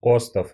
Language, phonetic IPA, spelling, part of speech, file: Russian, [ˈostəf], остов, noun, Ru-остов.ogg
- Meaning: 1. skeleton 2. frame, framework 3. genitive plural of ост (ost)